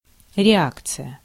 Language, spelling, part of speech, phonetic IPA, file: Russian, реакция, noun, [rʲɪˈakt͡sɨjə], Ru-реакция.ogg
- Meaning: 1. reaction 2. response 3. reaction, extreme conservatism